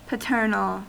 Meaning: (adjective) Of or pertaining to one's father, his genes, his relatives, or his side of a family
- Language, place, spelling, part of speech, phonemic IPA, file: English, California, paternal, adjective / noun, /pəˈtɜɹ.nəl/, En-us-paternal.ogg